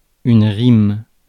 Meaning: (noun) rhyme; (verb) inflection of rimer: 1. first/third-person singular present indicative/subjunctive 2. second-person singular imperative
- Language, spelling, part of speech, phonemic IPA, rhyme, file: French, rime, noun / verb, /ʁim/, -im, Fr-rime.ogg